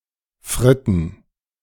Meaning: 1. fries, French fries, chips (UK) 2. plural of Fritte (“a single fry”) 3. plural of Fritte (“frit”)
- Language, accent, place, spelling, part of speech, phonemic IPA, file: German, Germany, Berlin, Fritten, noun, /ˈfʁɪtən/, De-Fritten.ogg